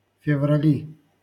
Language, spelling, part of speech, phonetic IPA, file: Russian, феврали, noun, [fʲɪvrɐˈlʲi], LL-Q7737 (rus)-феврали.wav
- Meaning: nominative/accusative plural of февра́ль (fevrálʹ)